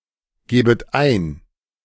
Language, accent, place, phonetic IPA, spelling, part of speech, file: German, Germany, Berlin, [ˌɡeːbət ˈaɪ̯n], gebet ein, verb, De-gebet ein.ogg
- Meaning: second-person plural subjunctive I of eingeben